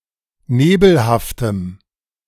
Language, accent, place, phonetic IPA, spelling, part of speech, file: German, Germany, Berlin, [ˈneːbl̩haftəm], nebelhaftem, adjective, De-nebelhaftem.ogg
- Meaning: strong dative masculine/neuter singular of nebelhaft